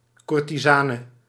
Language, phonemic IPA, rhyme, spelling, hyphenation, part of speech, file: Dutch, /ˌkur.tiˈzaː.nə/, -aːnə, courtisane, cour‧ti‧sa‧ne, noun, Nl-courtisane.ogg
- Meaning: a courtesan, a high-status prostitute or mistress